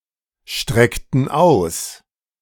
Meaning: inflection of ausstrecken: 1. first/third-person plural preterite 2. first/third-person plural subjunctive II
- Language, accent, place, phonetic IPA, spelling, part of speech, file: German, Germany, Berlin, [ˌʃtʁɛktn̩ ˈaʊ̯s], streckten aus, verb, De-streckten aus.ogg